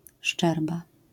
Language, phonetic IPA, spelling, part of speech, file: Polish, [ˈʃt͡ʃɛrba], szczerba, noun, LL-Q809 (pol)-szczerba.wav